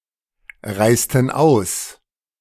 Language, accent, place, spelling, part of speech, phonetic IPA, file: German, Germany, Berlin, reisten aus, verb, [ˌʁaɪ̯stn̩ ˈaʊ̯s], De-reisten aus.ogg
- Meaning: inflection of ausreisen: 1. first/third-person plural preterite 2. first/third-person plural subjunctive II